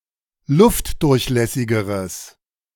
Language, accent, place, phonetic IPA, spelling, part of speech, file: German, Germany, Berlin, [ˈlʊftdʊʁçˌlɛsɪɡəʁəs], luftdurchlässigeres, adjective, De-luftdurchlässigeres.ogg
- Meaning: strong/mixed nominative/accusative neuter singular comparative degree of luftdurchlässig